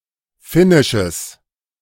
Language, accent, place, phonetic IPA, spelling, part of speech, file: German, Germany, Berlin, [ˈfɪnɪʃəs], finnisches, adjective, De-finnisches.ogg
- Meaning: strong/mixed nominative/accusative neuter singular of finnisch